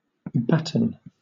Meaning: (verb) 1. To cause (an animal, etc.) to become fat or thrive through plenteous feeding; to fatten 2. To enrich or fertilize (land, soil, etc.)
- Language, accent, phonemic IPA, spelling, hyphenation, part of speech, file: English, Southern England, /ˈbæt(ə)n/, batten, bat‧ten, verb / adjective / noun, LL-Q1860 (eng)-batten.wav